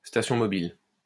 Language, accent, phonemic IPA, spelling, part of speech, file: French, France, /sta.sjɔ̃ mɔ.bil/, station mobile, noun, LL-Q150 (fra)-station mobile.wav
- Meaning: mobile station (mobile equipment)